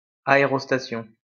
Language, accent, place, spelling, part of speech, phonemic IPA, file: French, France, Lyon, aérostation, noun, /a.e.ʁɔs.ta.sjɔ̃/, LL-Q150 (fra)-aérostation.wav
- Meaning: ballooning